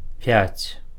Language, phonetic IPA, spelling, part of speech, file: Belarusian, [pʲat͡sʲ], пяць, numeral, Be-пяць.ogg
- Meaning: five (5)